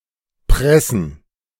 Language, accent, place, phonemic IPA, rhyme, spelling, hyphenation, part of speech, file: German, Germany, Berlin, /ˈpʁɛsn̩/, -ɛsn̩, pressen, pres‧sen, verb, De-pressen.ogg
- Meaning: 1. to press 2. to push 3. to strain oneself